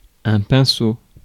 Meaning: paintbrush
- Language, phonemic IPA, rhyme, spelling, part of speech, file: French, /pɛ̃.so/, -so, pinceau, noun, Fr-pinceau.ogg